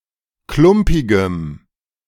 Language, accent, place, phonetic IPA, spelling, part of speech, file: German, Germany, Berlin, [ˈklʊmpɪɡəm], klumpigem, adjective, De-klumpigem.ogg
- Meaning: strong dative masculine/neuter singular of klumpig